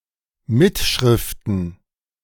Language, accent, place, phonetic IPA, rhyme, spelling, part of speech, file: German, Germany, Berlin, [ˈmɪtˌʃʁɪftn̩], -ɪtʃʁɪftn̩, Mitschriften, noun, De-Mitschriften.ogg
- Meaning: plural of Mitschrift